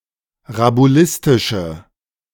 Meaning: inflection of rabulistisch: 1. strong/mixed nominative/accusative feminine singular 2. strong nominative/accusative plural 3. weak nominative all-gender singular
- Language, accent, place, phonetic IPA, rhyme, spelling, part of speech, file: German, Germany, Berlin, [ʁabuˈlɪstɪʃə], -ɪstɪʃə, rabulistische, adjective, De-rabulistische.ogg